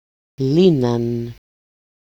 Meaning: third-person plural imperfect active indicative of λύνω (lýno)
- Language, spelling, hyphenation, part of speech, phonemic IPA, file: Greek, λύναν, λύ‧ναν, verb, /ˈli.nan/, El-λύναν.ogg